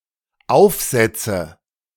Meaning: nominative/accusative/genitive plural of Aufsatz
- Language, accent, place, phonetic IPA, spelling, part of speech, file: German, Germany, Berlin, [ˈaʊ̯fˌzɛt͡sə], Aufsätze, noun, De-Aufsätze.ogg